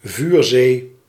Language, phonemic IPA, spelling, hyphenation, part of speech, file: Dutch, /ˈvyːr.zeː/, vuurzee, vuur‧zee, noun, Nl-vuurzee.ogg
- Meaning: conflagration, sea of fire